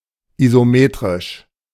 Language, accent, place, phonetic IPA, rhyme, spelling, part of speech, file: German, Germany, Berlin, [izoˈmeːtʁɪʃ], -eːtʁɪʃ, isometrisch, adjective, De-isometrisch.ogg
- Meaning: isometric